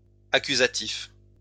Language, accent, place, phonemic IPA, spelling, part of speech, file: French, France, Lyon, /a.ky.za.tif/, accusatifs, adjective, LL-Q150 (fra)-accusatifs.wav
- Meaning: masculine plural of accusatif